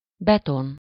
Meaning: concrete (building material)
- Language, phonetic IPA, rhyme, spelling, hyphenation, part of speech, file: Hungarian, [ˈbɛton], -on, beton, be‧ton, noun, Hu-beton.ogg